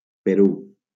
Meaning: Peru (a country in South America)
- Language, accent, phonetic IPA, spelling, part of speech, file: Catalan, Valencia, [peˈɾu], Perú, proper noun, LL-Q7026 (cat)-Perú.wav